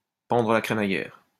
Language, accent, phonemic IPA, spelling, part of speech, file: French, France, /pɑ̃.dʁə la kʁe.ma.jɛʁ/, pendre la crémaillère, verb, LL-Q150 (fra)-pendre la crémaillère.wav
- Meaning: to have a housewarming party